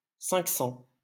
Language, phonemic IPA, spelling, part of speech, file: French, /sɑ̃/, cents, noun, LL-Q150 (fra)-cents.wav
- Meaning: plural of cent